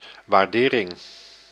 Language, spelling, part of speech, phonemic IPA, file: Dutch, waardering, noun, /ʋaːrˈdeːrɪŋ/, Nl-waardering.ogg
- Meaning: 1. appreciation 2. appraisal